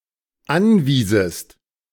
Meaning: second-person singular dependent subjunctive II of anweisen
- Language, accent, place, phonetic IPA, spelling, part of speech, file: German, Germany, Berlin, [ˈanˌviːzəst], anwiesest, verb, De-anwiesest.ogg